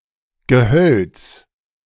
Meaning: 1. a small wood, grove, copse 2. brush, underbrush 3. woody plants
- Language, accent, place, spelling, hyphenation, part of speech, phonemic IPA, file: German, Germany, Berlin, Gehölz, Ge‧hölz, noun, /ɡəˈhœlt͡s/, De-Gehölz.ogg